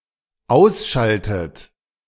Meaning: inflection of ausschalten: 1. third-person singular dependent present 2. second-person plural dependent present 3. second-person plural dependent subjunctive I
- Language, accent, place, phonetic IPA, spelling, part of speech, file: German, Germany, Berlin, [ˈaʊ̯sˌʃaltət], ausschaltet, verb, De-ausschaltet.ogg